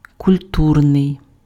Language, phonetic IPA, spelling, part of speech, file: Ukrainian, [kʊlʲˈturnei̯], культурний, adjective, Uk-культурний.ogg
- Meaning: 1. cultural (pertaining to culture) 2. cultured